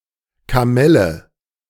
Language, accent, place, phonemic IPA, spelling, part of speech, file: German, Germany, Berlin, /kaˈmɛlə/, Kamelle, noun, De-Kamelle.ogg
- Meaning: candy, sweets (usually those given away during carnival parades)